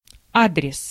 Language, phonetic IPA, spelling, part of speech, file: Russian, [ˈadrʲɪs], адрес, noun, Ru-адрес.ogg